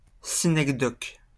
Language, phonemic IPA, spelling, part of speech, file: French, /si.nɛk.dɔk/, synecdoque, noun, LL-Q150 (fra)-synecdoque.wav